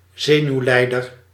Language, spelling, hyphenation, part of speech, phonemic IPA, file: Dutch, zenuwlijder, ze‧nuw‧lij‧der, noun, /ˈzeː.nyu̯ˌlɛi̯.dər/, Nl-zenuwlijder.ogg
- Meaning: 1. neuropath 2. neurasthenic 3. psychoneurotic